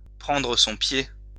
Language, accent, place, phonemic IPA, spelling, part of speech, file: French, France, Lyon, /pʁɑ̃.dʁə sɔ̃ pje/, prendre son pied, verb, LL-Q150 (fra)-prendre son pied.wav
- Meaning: 1. to have a blast, to have a great time, to have a ball 2. to take pleasure from something, usually to cum or to get off (have an orgasm)